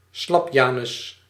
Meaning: weakling
- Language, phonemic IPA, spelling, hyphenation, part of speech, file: Dutch, /ˈslɑpˌjaː.nʏs/, slapjanus, slap‧ja‧nus, noun, Nl-slapjanus.ogg